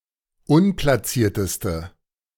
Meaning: inflection of unplaciert: 1. strong/mixed nominative/accusative feminine singular superlative degree 2. strong nominative/accusative plural superlative degree
- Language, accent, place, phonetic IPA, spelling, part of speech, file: German, Germany, Berlin, [ˈʊnplasiːɐ̯təstə], unplacierteste, adjective, De-unplacierteste.ogg